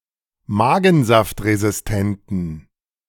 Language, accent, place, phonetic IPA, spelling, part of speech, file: German, Germany, Berlin, [ˈmaːɡn̩zaftʁezɪsˌtɛntn̩], magensaftresistenten, adjective, De-magensaftresistenten.ogg
- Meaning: inflection of magensaftresistent: 1. strong genitive masculine/neuter singular 2. weak/mixed genitive/dative all-gender singular 3. strong/weak/mixed accusative masculine singular